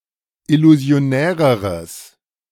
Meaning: strong/mixed nominative/accusative neuter singular comparative degree of illusionär
- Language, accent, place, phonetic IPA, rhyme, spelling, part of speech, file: German, Germany, Berlin, [ɪluzi̯oˈnɛːʁəʁəs], -ɛːʁəʁəs, illusionäreres, adjective, De-illusionäreres.ogg